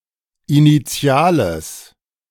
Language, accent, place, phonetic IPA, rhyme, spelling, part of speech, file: German, Germany, Berlin, [iniˈt͡si̯aːləs], -aːləs, initiales, adjective, De-initiales.ogg
- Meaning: strong/mixed nominative/accusative neuter singular of initial